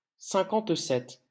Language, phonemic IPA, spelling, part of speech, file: French, /sɛ̃.kɑ̃t.sɛt/, cinquante-sept, numeral, LL-Q150 (fra)-cinquante-sept.wav
- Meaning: fifty-seven